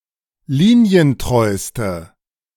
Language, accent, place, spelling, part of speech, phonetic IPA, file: German, Germany, Berlin, linientreuste, adjective, [ˈliːni̯ənˌtʁɔɪ̯stə], De-linientreuste.ogg
- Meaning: inflection of linientreu: 1. strong/mixed nominative/accusative feminine singular superlative degree 2. strong nominative/accusative plural superlative degree